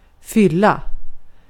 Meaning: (noun) a state of (heavier) drunkenness; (verb) 1. to fill, to make full 2. to turn (X years old), to reach (a certain age), to have one's birthday
- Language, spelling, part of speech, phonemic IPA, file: Swedish, fylla, noun / verb, /²fʏla/, Sv-fylla.ogg